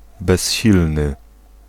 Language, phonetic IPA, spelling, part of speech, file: Polish, [bɛɕˈːilnɨ], bezsilny, adjective, Pl-bezsilny.ogg